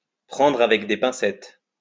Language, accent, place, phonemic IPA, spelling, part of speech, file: French, France, Lyon, /pʁɑ̃.dʁ‿a.vɛk de pɛ̃.sɛt/, prendre avec des pincettes, verb, LL-Q150 (fra)-prendre avec des pincettes.wav
- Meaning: to take with a pinch of salt